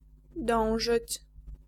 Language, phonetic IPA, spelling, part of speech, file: Polish, [ˈdɔ̃w̃ʒɨt͡ɕ], dążyć, verb, Pl-dążyć.ogg